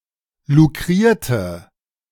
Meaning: inflection of lukrieren: 1. first/third-person singular preterite 2. first/third-person singular subjunctive II
- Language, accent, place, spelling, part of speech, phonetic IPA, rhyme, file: German, Germany, Berlin, lukrierte, adjective / verb, [luˈkʁiːɐ̯tə], -iːɐ̯tə, De-lukrierte.ogg